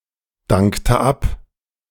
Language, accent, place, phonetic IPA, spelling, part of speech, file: German, Germany, Berlin, [ˌdaŋktə ˈap], dankte ab, verb, De-dankte ab.ogg
- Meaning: inflection of abdanken: 1. first/third-person singular preterite 2. first/third-person singular subjunctive II